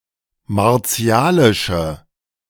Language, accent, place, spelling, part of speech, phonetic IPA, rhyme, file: German, Germany, Berlin, martialische, adjective, [maʁˈt͡si̯aːlɪʃə], -aːlɪʃə, De-martialische.ogg
- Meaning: inflection of martialisch: 1. strong/mixed nominative/accusative feminine singular 2. strong nominative/accusative plural 3. weak nominative all-gender singular